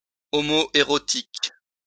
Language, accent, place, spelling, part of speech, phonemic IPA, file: French, France, Lyon, homoérotique, adjective, /o.mo.e.ʁɔ.tik/, LL-Q150 (fra)-homoérotique.wav
- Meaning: homoerotic